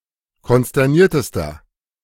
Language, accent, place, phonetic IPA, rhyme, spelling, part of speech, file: German, Germany, Berlin, [kɔnstɛʁˈniːɐ̯təstɐ], -iːɐ̯təstɐ, konsterniertester, adjective, De-konsterniertester.ogg
- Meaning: inflection of konsterniert: 1. strong/mixed nominative masculine singular superlative degree 2. strong genitive/dative feminine singular superlative degree 3. strong genitive plural superlative degree